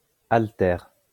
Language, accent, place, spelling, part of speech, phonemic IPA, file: French, France, Lyon, haltère, noun, /al.tɛʁ/, LL-Q150 (fra)-haltère.wav
- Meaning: 1. dumbbell, barbell 2. weight